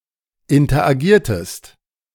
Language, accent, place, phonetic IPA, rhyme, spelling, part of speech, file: German, Germany, Berlin, [ɪntɐʔaˈɡiːɐ̯təst], -iːɐ̯təst, interagiertest, verb, De-interagiertest.ogg
- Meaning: inflection of interagieren: 1. second-person singular preterite 2. second-person singular subjunctive II